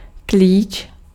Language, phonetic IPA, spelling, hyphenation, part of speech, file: Czech, [ˈkliːt͡ʃ], klíč, klíč, noun, Cs-klíč.ogg
- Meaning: 1. key (of a lock) 2. wrench (US), spanner (UK) 3. clef 4. key 5. key (field of a relation constrained to be unique) 6. clue (informations which can lead one to a certain point) 7. embryo, germ